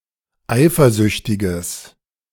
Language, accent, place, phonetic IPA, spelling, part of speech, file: German, Germany, Berlin, [ˈaɪ̯fɐˌzʏçtɪɡəs], eifersüchtiges, adjective, De-eifersüchtiges.ogg
- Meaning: strong/mixed nominative/accusative neuter singular of eifersüchtig